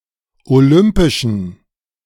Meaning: inflection of olympisch: 1. strong genitive masculine/neuter singular 2. weak/mixed genitive/dative all-gender singular 3. strong/weak/mixed accusative masculine singular 4. strong dative plural
- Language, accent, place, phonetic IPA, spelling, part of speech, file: German, Germany, Berlin, [oˈlʏmpɪʃn̩], olympischen, adjective, De-olympischen.ogg